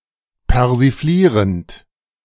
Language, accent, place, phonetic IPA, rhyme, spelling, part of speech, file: German, Germany, Berlin, [pɛʁziˈfliːʁənt], -iːʁənt, persiflierend, verb, De-persiflierend.ogg
- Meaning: present participle of persiflieren